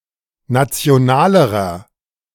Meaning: inflection of national: 1. strong/mixed nominative masculine singular comparative degree 2. strong genitive/dative feminine singular comparative degree 3. strong genitive plural comparative degree
- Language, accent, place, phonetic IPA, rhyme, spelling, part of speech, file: German, Germany, Berlin, [ˌnat͡si̯oˈnaːləʁɐ], -aːləʁɐ, nationalerer, adjective, De-nationalerer.ogg